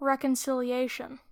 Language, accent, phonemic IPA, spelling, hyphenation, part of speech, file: English, US, /ˌɹɛkənˌsɪliˈeɪʃ(ə)n/, reconciliation, re‧con‧ci‧li‧at‧ion, noun, En-us-reconciliation.wav
- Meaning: The re-establishment of friendly relations; conciliation, rapprochement